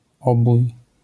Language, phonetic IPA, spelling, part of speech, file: Polish, [ˈɔbuj], obój, noun, LL-Q809 (pol)-obój.wav